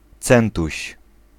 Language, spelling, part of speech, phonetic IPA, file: Polish, centuś, noun, [ˈt͡sɛ̃ntuɕ], Pl-centuś.ogg